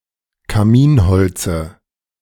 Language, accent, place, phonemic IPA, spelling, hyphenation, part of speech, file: German, Germany, Berlin, /kaˈmiːnˌhɔlt͡sə/, Kaminholze, Ka‧min‧hol‧ze, noun, De-Kaminholze.ogg
- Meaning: dative singular of Kaminholz